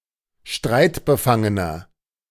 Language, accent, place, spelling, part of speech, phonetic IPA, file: German, Germany, Berlin, streitbefangener, adjective, [ˈʃtʁaɪ̯tbəˌfaŋənɐ], De-streitbefangener.ogg
- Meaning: inflection of streitbefangen: 1. strong/mixed nominative masculine singular 2. strong genitive/dative feminine singular 3. strong genitive plural